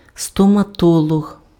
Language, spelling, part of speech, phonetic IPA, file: Ukrainian, стоматолог, noun, [stɔmɐˈtɔɫɔɦ], Uk-стоматолог.ogg
- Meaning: dentist